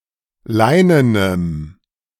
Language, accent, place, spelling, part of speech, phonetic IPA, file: German, Germany, Berlin, leinenem, adjective, [ˈlaɪ̯nənəm], De-leinenem.ogg
- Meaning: strong dative masculine/neuter singular of leinen